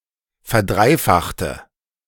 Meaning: inflection of verdreifachen: 1. first/third-person singular preterite 2. first/third-person singular subjunctive II
- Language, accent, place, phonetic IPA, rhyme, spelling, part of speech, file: German, Germany, Berlin, [fɛɐ̯ˈdʁaɪ̯ˌfaxtə], -aɪ̯faxtə, verdreifachte, adjective / verb, De-verdreifachte.ogg